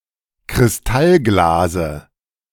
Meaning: dative singular of Kristallglas
- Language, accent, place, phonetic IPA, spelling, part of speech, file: German, Germany, Berlin, [kʁɪsˈtalˌɡlaːzə], Kristallglase, noun, De-Kristallglase.ogg